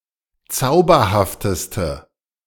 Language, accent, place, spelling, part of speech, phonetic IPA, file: German, Germany, Berlin, zauberhafteste, adjective, [ˈt͡saʊ̯bɐhaftəstə], De-zauberhafteste.ogg
- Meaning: inflection of zauberhaft: 1. strong/mixed nominative/accusative feminine singular superlative degree 2. strong nominative/accusative plural superlative degree